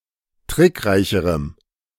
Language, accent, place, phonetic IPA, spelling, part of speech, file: German, Germany, Berlin, [ˈtʁɪkˌʁaɪ̯çəʁəm], trickreicherem, adjective, De-trickreicherem.ogg
- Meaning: strong dative masculine/neuter singular comparative degree of trickreich